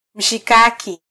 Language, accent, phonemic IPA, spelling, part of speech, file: Swahili, Kenya, /m̩.ʃiˈkɑ.ki/, mshikaki, noun, Sw-ke-mshikaki.flac
- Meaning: kebab (skewered meat, especially beef)